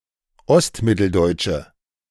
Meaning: inflection of ostmitteldeutsch: 1. strong/mixed nominative/accusative feminine singular 2. strong nominative/accusative plural 3. weak nominative all-gender singular
- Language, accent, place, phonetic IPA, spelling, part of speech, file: German, Germany, Berlin, [ˈɔstˌmɪtl̩dɔɪ̯t͡ʃə], ostmitteldeutsche, adjective, De-ostmitteldeutsche.ogg